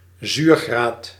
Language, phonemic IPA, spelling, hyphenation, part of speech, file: Dutch, /ˈzyːr.ɣraːt/, zuurgraad, zuur‧graad, noun, Nl-zuurgraad.ogg
- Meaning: acidity; pH value